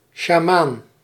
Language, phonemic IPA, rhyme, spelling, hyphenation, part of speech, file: Dutch, /ʃaːˈmaːn/, -aːn, sjamaan, sja‧maan, noun, Nl-sjamaan.ogg
- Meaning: shaman, witch doctor